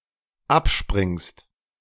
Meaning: second-person singular dependent present of abspringen
- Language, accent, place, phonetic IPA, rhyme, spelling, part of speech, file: German, Germany, Berlin, [ˈapˌʃpʁɪŋst], -apʃpʁɪŋst, abspringst, verb, De-abspringst.ogg